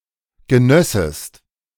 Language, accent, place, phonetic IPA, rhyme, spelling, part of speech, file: German, Germany, Berlin, [ɡəˈnœsəst], -œsəst, genössest, verb, De-genössest.ogg
- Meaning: second-person singular subjunctive II of genießen